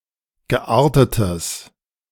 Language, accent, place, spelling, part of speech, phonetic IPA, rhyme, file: German, Germany, Berlin, geartetes, adjective, [ɡəˈʔaːɐ̯tətəs], -aːɐ̯tətəs, De-geartetes.ogg
- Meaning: strong/mixed nominative/accusative neuter singular of geartet